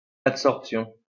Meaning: adsorption
- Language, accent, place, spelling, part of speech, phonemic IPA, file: French, France, Lyon, adsorption, noun, /at.sɔʁp.sjɔ̃/, LL-Q150 (fra)-adsorption.wav